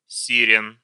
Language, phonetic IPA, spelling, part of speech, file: Russian, [sʲɪˈrʲen], сирен, noun, Ru-си́рен.ogg
- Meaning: inflection of сире́на (siréna): 1. genitive plural 2. animate accusative plural